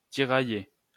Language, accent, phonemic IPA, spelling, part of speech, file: French, France, /ti.ʁa.je/, tirailler, verb, LL-Q150 (fra)-tirailler.wav
- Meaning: 1. to pull, to tug 2. to tear somebody in two, to make somebody hesitate 3. to skirmish